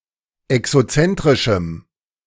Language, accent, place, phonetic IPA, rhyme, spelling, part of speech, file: German, Germany, Berlin, [ɛksoˈt͡sɛntʁɪʃm̩], -ɛntʁɪʃm̩, exozentrischem, adjective, De-exozentrischem.ogg
- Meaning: strong dative masculine/neuter singular of exozentrisch